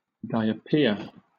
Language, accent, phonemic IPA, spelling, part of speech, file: English, Southern England, /ˈdaɪ.ə.pɪə(ɹ)/, diapir, noun, LL-Q1860 (eng)-diapir.wav
- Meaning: An intrusion of a ductile rock into an overburden